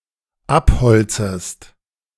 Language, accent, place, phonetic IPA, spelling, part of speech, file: German, Germany, Berlin, [ˈapˌhɔlt͡səst], abholzest, verb, De-abholzest.ogg
- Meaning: second-person singular dependent subjunctive I of abholzen